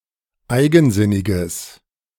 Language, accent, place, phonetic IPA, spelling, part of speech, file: German, Germany, Berlin, [ˈaɪ̯ɡn̩ˌzɪnɪɡəs], eigensinniges, adjective, De-eigensinniges.ogg
- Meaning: strong/mixed nominative/accusative neuter singular of eigensinnig